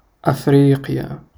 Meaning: alternative form of إِفْرِيقِيَا (ʔifrīqiyā): Africa (the continent south of Europe and between the Atlantic and Indian Oceans)
- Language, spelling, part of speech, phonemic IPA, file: Arabic, أفريقيا, proper noun, /ʔaf.riː.qi.jaː/, Ar-أفريقيا.ogg